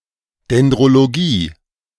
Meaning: dendrology
- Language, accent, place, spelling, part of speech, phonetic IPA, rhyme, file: German, Germany, Berlin, Dendrologie, noun, [dɛndʁoloˈɡiː], -iː, De-Dendrologie.ogg